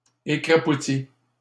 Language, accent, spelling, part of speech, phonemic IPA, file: French, Canada, écrapoutit, verb, /e.kʁa.pu.ti/, LL-Q150 (fra)-écrapoutit.wav
- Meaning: inflection of écrapoutir: 1. third-person singular present indicative 2. third-person singular past historic